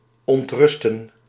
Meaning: to disturb
- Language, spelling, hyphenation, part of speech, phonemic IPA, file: Dutch, ontrusten, ont‧rus‧ten, verb, /ˌɔntˈrʏs.tə(n)/, Nl-ontrusten.ogg